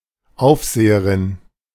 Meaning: female equivalent of Aufseher
- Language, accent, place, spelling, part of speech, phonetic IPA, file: German, Germany, Berlin, Aufseherin, noun, [ˈaʊ̯fˌzeːəʁɪn], De-Aufseherin.ogg